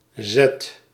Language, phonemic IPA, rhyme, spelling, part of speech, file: Dutch, /zɛt/, -ɛt, z, character, Nl-z.ogg
- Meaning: The twenty-sixth letter of the Dutch alphabet, written in the Latin script